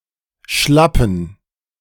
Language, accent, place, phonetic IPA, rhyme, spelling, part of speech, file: German, Germany, Berlin, [ˈʃlapn̩], -apn̩, schlappen, adjective, De-schlappen.ogg
- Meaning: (adjective) inflection of schlapp: 1. strong genitive masculine/neuter singular 2. weak/mixed genitive/dative all-gender singular 3. strong/weak/mixed accusative masculine singular